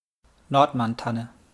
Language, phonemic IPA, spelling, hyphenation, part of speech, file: German, /ˈnɔʁtmanˌtanə/, Nordmanntanne, Nord‧mann‧tan‧ne, noun, De-Nordmanntanne.wav
- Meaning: Nordmann fir, Caucasian fir (Any tree of the species Abies nordmanniana, a large evergreen coniferous tree naturally occurring at altitudes of 900–2,200 m.)